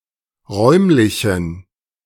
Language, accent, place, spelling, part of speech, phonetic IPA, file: German, Germany, Berlin, räumlichen, adjective, [ˈʁɔɪ̯mlɪçn̩], De-räumlichen.ogg
- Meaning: inflection of räumlich: 1. strong genitive masculine/neuter singular 2. weak/mixed genitive/dative all-gender singular 3. strong/weak/mixed accusative masculine singular 4. strong dative plural